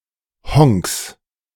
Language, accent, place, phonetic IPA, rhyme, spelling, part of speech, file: German, Germany, Berlin, [hɔŋks], -ɔŋks, Honks, noun, De-Honks.ogg
- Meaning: 1. genitive of Honk 2. plural of Honk